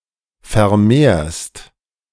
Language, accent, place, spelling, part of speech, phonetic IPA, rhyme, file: German, Germany, Berlin, vermehrst, verb, [fɛɐ̯ˈmeːɐ̯st], -eːɐ̯st, De-vermehrst.ogg
- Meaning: second-person singular present of vermehren